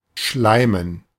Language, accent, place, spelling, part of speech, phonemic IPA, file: German, Germany, Berlin, schleimen, verb, /ˈʃlaɪ̯mən/, De-schleimen.ogg
- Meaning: 1. to slime 2. to smarm, to fawn on